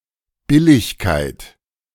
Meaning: 1. equity 2. fairness 3. cheapness
- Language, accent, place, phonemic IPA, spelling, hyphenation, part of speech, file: German, Germany, Berlin, /ˈbɪlɪçkaɪ̯t/, Billigkeit, Bil‧lig‧keit, noun, De-Billigkeit.ogg